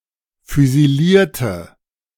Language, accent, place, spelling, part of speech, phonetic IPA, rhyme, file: German, Germany, Berlin, füsilierte, adjective / verb, [fyziˈliːɐ̯tə], -iːɐ̯tə, De-füsilierte.ogg
- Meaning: inflection of füsilieren: 1. first/third-person singular preterite 2. first/third-person singular subjunctive II